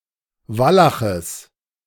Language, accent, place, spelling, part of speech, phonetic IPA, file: German, Germany, Berlin, Wallaches, noun, [ˈvalaxəs], De-Wallaches.ogg
- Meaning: genitive singular of Wallach